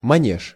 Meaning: 1. manège, riding arena, ring 2. playpen (for children) 3. riding(-)school, manège, riding-academy
- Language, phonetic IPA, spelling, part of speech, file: Russian, [mɐˈnʲeʂ], манеж, noun, Ru-манеж.ogg